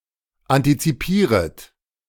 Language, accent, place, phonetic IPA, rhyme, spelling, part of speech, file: German, Germany, Berlin, [ˌantit͡siˈpiːʁət], -iːʁət, antizipieret, verb, De-antizipieret.ogg
- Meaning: second-person plural subjunctive I of antizipieren